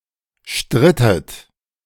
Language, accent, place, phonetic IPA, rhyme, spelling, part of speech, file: German, Germany, Berlin, [ˈʃtʁɪtət], -ɪtət, strittet, verb, De-strittet.ogg
- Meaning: inflection of streiten: 1. second-person plural preterite 2. second-person plural subjunctive II